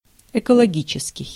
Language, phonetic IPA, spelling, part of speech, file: Russian, [ɪkəɫɐˈɡʲit͡ɕɪskʲɪj], экологический, adjective, Ru-экологический.ogg
- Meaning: ecological (relating to ecology)